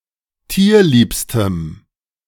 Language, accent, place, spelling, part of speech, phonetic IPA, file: German, Germany, Berlin, tierliebstem, adjective, [ˈtiːɐ̯ˌliːpstəm], De-tierliebstem.ogg
- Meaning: strong dative masculine/neuter singular superlative degree of tierlieb